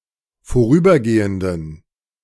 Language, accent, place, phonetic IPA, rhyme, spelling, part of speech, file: German, Germany, Berlin, [foˈʁyːbɐˌɡeːəndn̩], -yːbɐɡeːəndn̩, vorübergehenden, adjective, De-vorübergehenden.ogg
- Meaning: inflection of vorübergehend: 1. strong genitive masculine/neuter singular 2. weak/mixed genitive/dative all-gender singular 3. strong/weak/mixed accusative masculine singular 4. strong dative plural